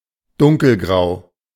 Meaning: dark grey (in colour)
- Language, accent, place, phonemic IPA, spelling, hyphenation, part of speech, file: German, Germany, Berlin, /ˈdʊŋkl̩ɡʁaʊ̯/, dunkelgrau, dun‧kel‧grau, adjective, De-dunkelgrau.ogg